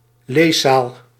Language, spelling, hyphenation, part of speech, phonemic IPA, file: Dutch, leeszaal, lees‧zaal, noun, /ˈleː.saːl/, Nl-leeszaal.ogg
- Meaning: a reading room